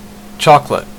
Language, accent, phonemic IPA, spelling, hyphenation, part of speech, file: English, Canada, /ˈtʃɒk.lət/, chocolate, choc‧o‧late, noun / adjective / verb, En-ca-chocolate.ogg
- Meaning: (noun) 1. A food made from ground roasted cocoa beans 2. A drink made by dissolving this food in boiling milk or water 3. A single, small piece of confectionery made from chocolate